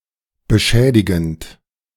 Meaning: present participle of beschädigen
- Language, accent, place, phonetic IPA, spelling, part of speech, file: German, Germany, Berlin, [bəˈʃɛːdɪɡn̩t], beschädigend, verb, De-beschädigend.ogg